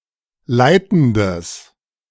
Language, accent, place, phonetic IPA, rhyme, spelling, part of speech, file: German, Germany, Berlin, [ˈlaɪ̯tn̩dəs], -aɪ̯tn̩dəs, leitendes, adjective, De-leitendes.ogg
- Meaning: strong/mixed nominative/accusative neuter singular of leitend